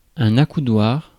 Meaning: armrest
- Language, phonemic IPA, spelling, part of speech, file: French, /a.ku.dwaʁ/, accoudoir, noun, Fr-accoudoir.ogg